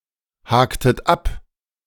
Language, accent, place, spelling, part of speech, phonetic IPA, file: German, Germany, Berlin, haktet ab, verb, [ˌhaːktət ˈap], De-haktet ab.ogg
- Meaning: inflection of abhaken: 1. second-person plural preterite 2. second-person plural subjunctive II